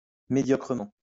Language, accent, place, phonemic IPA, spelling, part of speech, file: French, France, Lyon, /me.djɔ.kʁə.mɑ̃/, médiocrement, adverb, LL-Q150 (fra)-médiocrement.wav
- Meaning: mediocrely (in a mediocre way)